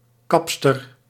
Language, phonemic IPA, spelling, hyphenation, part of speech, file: Dutch, /ˈkɑp.stər/, kapster, kaps‧ter, noun, Nl-kapster.ogg
- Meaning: a female hairdresser (female professional for haircut and hairstyling)